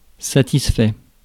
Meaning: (adjective) satisfied; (verb) past participle of satisfaire
- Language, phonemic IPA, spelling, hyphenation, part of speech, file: French, /sa.tis.fɛ/, satisfait, sa‧tis‧fait, adjective / verb, Fr-satisfait.ogg